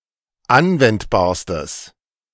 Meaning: strong/mixed nominative/accusative neuter singular superlative degree of anwendbar
- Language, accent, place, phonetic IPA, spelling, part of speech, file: German, Germany, Berlin, [ˈanvɛntbaːɐ̯stəs], anwendbarstes, adjective, De-anwendbarstes.ogg